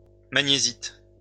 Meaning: magnesite
- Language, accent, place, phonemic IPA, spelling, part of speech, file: French, France, Lyon, /ma.ɲe.zit/, magnésite, noun, LL-Q150 (fra)-magnésite.wav